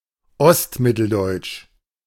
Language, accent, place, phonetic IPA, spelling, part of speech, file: German, Germany, Berlin, [ˈɔstˌmɪtl̩dɔɪ̯t͡ʃ], ostmitteldeutsch, adjective, De-ostmitteldeutsch.ogg
- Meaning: East Central German (of or pertaining to the Central High German dialects of eastern central Germany)